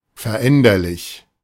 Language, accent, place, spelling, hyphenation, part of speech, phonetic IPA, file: German, Germany, Berlin, veränderlich, ver‧än‧der‧lich, adjective, [fɛɐ̯ˈʔɛndɐlɪç], De-veränderlich.ogg
- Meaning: 1. mutable 2. variable